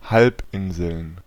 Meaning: plural of Halbinsel
- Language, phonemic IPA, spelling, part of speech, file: German, /ˈhalpʔɪnzl̩n/, Halbinseln, noun, De-Halbinseln.ogg